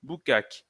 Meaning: alternative spelling of boucaque
- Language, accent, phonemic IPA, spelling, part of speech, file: French, France, /bu.kak/, boukak, noun, LL-Q150 (fra)-boukak.wav